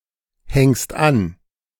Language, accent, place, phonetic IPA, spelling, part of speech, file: German, Germany, Berlin, [ˌhɛŋst ˈan], hängst an, verb, De-hängst an.ogg
- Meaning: second-person singular present of anhängen